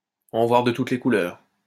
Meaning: to go through hell, to be put through the mill
- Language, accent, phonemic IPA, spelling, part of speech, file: French, France, /ɑ̃ vwaʁ də tut le ku.lœʁ/, en voir de toutes les couleurs, verb, LL-Q150 (fra)-en voir de toutes les couleurs.wav